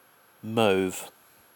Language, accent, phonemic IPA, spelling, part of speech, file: English, Received Pronunciation, /məʊv/, mauve, noun / adjective, En-uk-mauve.ogg
- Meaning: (noun) 1. A rich purple synthetic dye, which faded easily, briefly popular c. 1859‒1873 and now called mauveine 2. A pale purple or violet colour, like the colour of the dye after it has faded